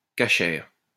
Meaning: kosher
- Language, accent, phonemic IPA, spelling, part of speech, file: French, France, /ka.ʃɛʁ/, casher, adjective, LL-Q150 (fra)-casher.wav